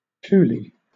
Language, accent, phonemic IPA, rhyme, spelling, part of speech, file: English, Southern England, /ˈtuːli/, -uːli, tule, noun, LL-Q1860 (eng)-tule.wav
- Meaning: Any of a number of large freshwater sedges of western North America formerly classified in the genus Scirpus, but now mostly as Schoenoplectus